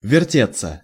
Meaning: 1. to turn around, to revolve, to spin 2. passive of верте́ть (vertétʹ)
- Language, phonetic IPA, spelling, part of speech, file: Russian, [vʲɪrˈtʲet͡sːə], вертеться, verb, Ru-вертеться.ogg